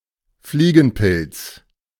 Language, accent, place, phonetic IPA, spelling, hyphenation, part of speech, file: German, Germany, Berlin, [ˈfliːɡŋ̩ˌpɪlt͡s], Fliegenpilz, Flie‧gen‧pilz, noun, De-Fliegenpilz.ogg
- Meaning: fly agaric, Amanita muscaria (type of mushroom)